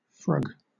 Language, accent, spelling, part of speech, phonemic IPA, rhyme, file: English, Southern England, frug, noun / verb, /fɹʌɡ/, -ʌɡ, LL-Q1860 (eng)-frug.wav
- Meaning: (noun) A dance derived from the twist, popular in the 1960s; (verb) To perform this dance